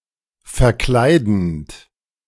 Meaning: present participle of verkleiden
- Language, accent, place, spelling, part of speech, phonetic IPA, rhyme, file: German, Germany, Berlin, verkleidend, verb, [fɛɐ̯ˈklaɪ̯dn̩t], -aɪ̯dn̩t, De-verkleidend.ogg